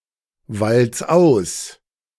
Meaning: 1. singular imperative of auswalzen 2. first-person singular present of auswalzen
- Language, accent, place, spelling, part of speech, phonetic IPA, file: German, Germany, Berlin, walz aus, verb, [ˌvalt͡s ˈaʊ̯s], De-walz aus.ogg